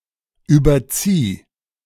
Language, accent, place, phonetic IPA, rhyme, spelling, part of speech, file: German, Germany, Berlin, [ˌyːbɐˈt͡siː], -iː, überzieh, verb, De-überzieh.ogg
- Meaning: singular imperative of überziehen